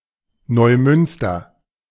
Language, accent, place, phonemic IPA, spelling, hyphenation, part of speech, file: German, Germany, Berlin, /nɔɪ̯ˈmʏnstɐ/, Neumünster, Neu‧müns‧ter, proper noun, De-Neumünster.ogg
- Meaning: Neumünster (an independent town in Schleswig-Holstein, Germany)